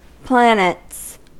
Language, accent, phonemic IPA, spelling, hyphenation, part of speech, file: English, US, /ˈplænɪts/, planets, plan‧ets, noun, En-us-planets.ogg
- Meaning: plural of planet